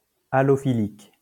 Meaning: allophylic
- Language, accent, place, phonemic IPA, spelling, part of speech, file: French, France, Lyon, /a.lɔ.fi.lik/, allophylique, adjective, LL-Q150 (fra)-allophylique.wav